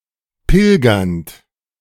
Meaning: present participle of pilgern
- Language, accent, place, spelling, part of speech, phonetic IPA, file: German, Germany, Berlin, pilgernd, verb, [ˈpɪlɡɐnt], De-pilgernd.ogg